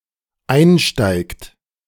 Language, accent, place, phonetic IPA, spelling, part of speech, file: German, Germany, Berlin, [ˈaɪ̯nˌʃtaɪ̯kt], einsteigt, verb, De-einsteigt.ogg
- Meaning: inflection of einsteigen: 1. third-person singular dependent present 2. second-person plural dependent present